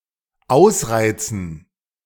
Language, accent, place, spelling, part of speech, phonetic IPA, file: German, Germany, Berlin, ausreizend, verb, [ˈaʊ̯sˌʁaɪ̯t͡sn̩t], De-ausreizend.ogg
- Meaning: present participle of ausreizen